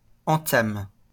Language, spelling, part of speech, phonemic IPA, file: French, entame, noun / verb, /ɑ̃.tam/, LL-Q150 (fra)-entame.wav
- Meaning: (noun) 1. start, opening, beginning 2. lead (first card played) 3. the first slice; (verb) inflection of entamer: first/third-person singular present indicative/subjunctive